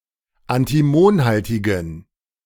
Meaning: inflection of antimonhaltig: 1. strong genitive masculine/neuter singular 2. weak/mixed genitive/dative all-gender singular 3. strong/weak/mixed accusative masculine singular 4. strong dative plural
- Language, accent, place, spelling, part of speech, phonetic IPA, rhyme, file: German, Germany, Berlin, antimonhaltigen, adjective, [antiˈmoːnˌhaltɪɡn̩], -oːnhaltɪɡn̩, De-antimonhaltigen.ogg